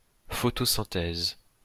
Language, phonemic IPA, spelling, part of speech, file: French, /fɔ.tɔ.sɛ̃.tɛz/, photosynthèse, noun, LL-Q150 (fra)-photosynthèse.wav
- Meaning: photosynthesis